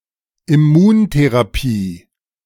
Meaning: immunotherapy
- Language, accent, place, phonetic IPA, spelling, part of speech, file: German, Germany, Berlin, [ɪˈmuːnteʁaˌpiː], Immuntherapie, noun, De-Immuntherapie.ogg